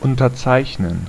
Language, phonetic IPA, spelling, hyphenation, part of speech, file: German, [ˌʔʊntɐˈtsaɪ̯çnən], unterzeichnen, un‧ter‧zeich‧nen, verb, De-unterzeichnen.ogg
- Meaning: to sign (to give legal consent by writing one's signature)